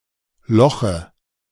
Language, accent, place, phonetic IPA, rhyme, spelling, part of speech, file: German, Germany, Berlin, [ˈlɔxə], -ɔxə, Loche, noun, De-Loche.ogg
- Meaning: dative singular of Loch